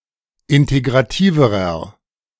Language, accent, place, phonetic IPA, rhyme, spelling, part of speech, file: German, Germany, Berlin, [ˌɪnteɡʁaˈtiːvəʁɐ], -iːvəʁɐ, integrativerer, adjective, De-integrativerer.ogg
- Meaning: inflection of integrativ: 1. strong/mixed nominative masculine singular comparative degree 2. strong genitive/dative feminine singular comparative degree 3. strong genitive plural comparative degree